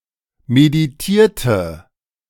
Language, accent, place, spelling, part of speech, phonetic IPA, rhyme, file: German, Germany, Berlin, meditierte, verb, [mediˈtiːɐ̯tə], -iːɐ̯tə, De-meditierte.ogg
- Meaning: inflection of meditieren: 1. first/third-person singular preterite 2. first/third-person singular subjunctive II